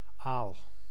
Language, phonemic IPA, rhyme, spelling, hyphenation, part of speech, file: Dutch, /aːl/, -aːl, aal, aal, noun, Nl-aal.ogg
- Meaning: 1. eel (fish), (Anguilla anguilla) 2. elver (young eel) 3. padre 4. ale (obsolete) 5. alternative form of aalt